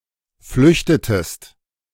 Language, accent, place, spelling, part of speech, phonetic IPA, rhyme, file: German, Germany, Berlin, flüchtetest, verb, [ˈflʏçtətəst], -ʏçtətəst, De-flüchtetest.ogg
- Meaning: inflection of flüchten: 1. second-person singular preterite 2. second-person singular subjunctive II